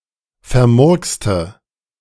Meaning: inflection of vermurkst: 1. strong/mixed nominative/accusative feminine singular 2. strong nominative/accusative plural 3. weak nominative all-gender singular
- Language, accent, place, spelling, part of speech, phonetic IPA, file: German, Germany, Berlin, vermurkste, adjective / verb, [fɛɐ̯ˈmʊʁkstə], De-vermurkste.ogg